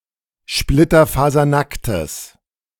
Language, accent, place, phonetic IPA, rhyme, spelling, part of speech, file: German, Germany, Berlin, [ˌʃplɪtɐfaːzɐˈnaktəs], -aktəs, splitterfasernacktes, adjective, De-splitterfasernacktes.ogg
- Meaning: strong/mixed nominative/accusative neuter singular of splitterfasernackt